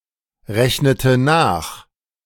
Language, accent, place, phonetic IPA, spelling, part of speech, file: German, Germany, Berlin, [ˌʁɛçnətə ˈnaːx], rechnete nach, verb, De-rechnete nach.ogg
- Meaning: inflection of nachrechnen: 1. first/third-person singular preterite 2. first/third-person singular subjunctive II